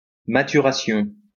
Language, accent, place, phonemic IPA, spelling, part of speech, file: French, France, Lyon, /ma.ty.ʁa.sjɔ̃/, maturation, noun, LL-Q150 (fra)-maturation.wav
- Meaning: maturation